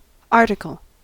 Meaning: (noun) 1. A piece of nonfiction writing such as a story, report, opinion piece, or entry in a newspaper, magazine, journal, encyclopedia, etc 2. An object, a member of a group or class
- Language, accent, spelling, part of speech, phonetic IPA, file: English, US, article, noun / verb, [ˈɑ(ː)ɹɾɨkɫ̩], En-us-article.ogg